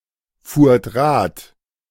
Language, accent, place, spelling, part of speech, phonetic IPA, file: German, Germany, Berlin, fuhrt Rad, verb, [ˌfuːɐ̯t ˈʁaːt], De-fuhrt Rad.ogg
- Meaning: second-person plural preterite of Rad fahren